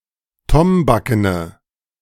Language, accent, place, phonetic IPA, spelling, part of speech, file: German, Germany, Berlin, [ˈtɔmbakənə], tombakene, adjective, De-tombakene.ogg
- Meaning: inflection of tombaken: 1. strong/mixed nominative/accusative feminine singular 2. strong nominative/accusative plural 3. weak nominative all-gender singular